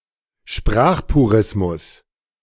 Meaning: linguistic purism
- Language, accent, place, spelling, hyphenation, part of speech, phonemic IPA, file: German, Germany, Berlin, Sprachpurismus, Sprach‧pu‧ris‧mus, noun, /ˈʃpʁaːxpuˌʁɪsmʊs/, De-Sprachpurismus.ogg